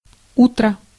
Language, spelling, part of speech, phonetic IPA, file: Russian, утро, noun, [ˈutrə], Ru-утро.ogg
- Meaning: morning